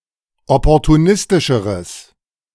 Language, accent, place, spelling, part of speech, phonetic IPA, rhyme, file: German, Germany, Berlin, opportunistischeres, adjective, [ˌɔpɔʁtuˈnɪstɪʃəʁəs], -ɪstɪʃəʁəs, De-opportunistischeres.ogg
- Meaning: strong/mixed nominative/accusative neuter singular comparative degree of opportunistisch